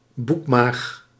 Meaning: omasum
- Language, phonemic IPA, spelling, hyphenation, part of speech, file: Dutch, /ˈbuk.maːx/, boekmaag, boek‧maag, noun, Nl-boekmaag.ogg